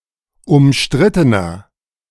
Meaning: 1. comparative degree of umstritten 2. inflection of umstritten: strong/mixed nominative masculine singular 3. inflection of umstritten: strong genitive/dative feminine singular
- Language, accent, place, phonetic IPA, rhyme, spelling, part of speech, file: German, Germany, Berlin, [ʊmˈʃtʁɪtənɐ], -ɪtənɐ, umstrittener, adjective, De-umstrittener.ogg